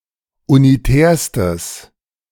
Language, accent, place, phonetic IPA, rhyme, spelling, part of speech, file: German, Germany, Berlin, [uniˈtɛːɐ̯stəs], -ɛːɐ̯stəs, unitärstes, adjective, De-unitärstes.ogg
- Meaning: strong/mixed nominative/accusative neuter singular superlative degree of unitär